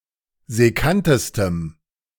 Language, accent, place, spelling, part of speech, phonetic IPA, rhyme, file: German, Germany, Berlin, sekkantestem, adjective, [zɛˈkantəstəm], -antəstəm, De-sekkantestem.ogg
- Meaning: strong dative masculine/neuter singular superlative degree of sekkant